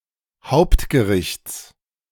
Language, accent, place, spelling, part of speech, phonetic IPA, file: German, Germany, Berlin, Hauptgerichts, noun, [ˈhaʊ̯ptɡəˌʁɪçt͡s], De-Hauptgerichts.ogg
- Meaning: genitive singular of Hauptgericht